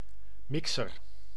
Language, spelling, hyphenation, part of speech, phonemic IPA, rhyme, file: Dutch, mixer, mixer, noun, /ˈmɪk.sər/, -ɪksər, Nl-mixer.ogg
- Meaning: 1. mixer (device, esp. kitchen appliance, for mixing) 2. music mixer